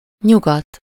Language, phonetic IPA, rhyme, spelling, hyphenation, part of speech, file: Hungarian, [ˈɲuɡɒt], -ɒt, nyugat, nyu‧gat, noun, Hu-nyugat.ogg
- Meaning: west